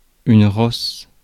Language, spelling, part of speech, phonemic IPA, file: French, rosse, noun / verb, /ʁɔs/, Fr-rosse.ogg
- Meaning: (noun) 1. nag (old useless horse) 2. a bitch, a harpy or cow 3. a bastard or asshole; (verb) inflection of rosser: first/third-person singular present indicative/subjunctive